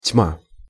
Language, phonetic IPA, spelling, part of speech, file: Russian, [tʲma], тьма, noun, Ru-тьма.ogg
- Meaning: 1. dark, darkness 2. thousands, a multitude, a host, lots of